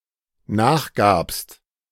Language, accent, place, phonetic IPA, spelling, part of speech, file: German, Germany, Berlin, [ˈnaːxˌɡaːpst], nachgabst, verb, De-nachgabst.ogg
- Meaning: second-person singular dependent preterite of nachgeben